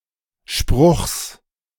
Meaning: genitive singular of Spruch
- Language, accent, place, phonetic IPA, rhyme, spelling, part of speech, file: German, Germany, Berlin, [ʃpʁʊxs], -ʊxs, Spruchs, noun, De-Spruchs.ogg